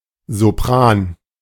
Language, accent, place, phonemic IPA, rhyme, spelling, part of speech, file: German, Germany, Berlin, /zoˈpʁaːn/, -aːn, Sopran, noun, De-Sopran.ogg
- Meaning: 1. soprano (pitch) 2. soprano (singer)